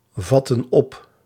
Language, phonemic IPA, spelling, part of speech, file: Dutch, /ˈvɑtə(n) ˈɔp/, vatten op, verb, Nl-vatten op.ogg
- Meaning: inflection of opvatten: 1. plural present/past indicative 2. plural present/past subjunctive